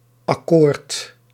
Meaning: superseded spelling of akkoord
- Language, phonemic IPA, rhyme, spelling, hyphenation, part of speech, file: Dutch, /ɑˈkoːrt/, -oːrt, accoord, ac‧coord, noun, Nl-accoord.ogg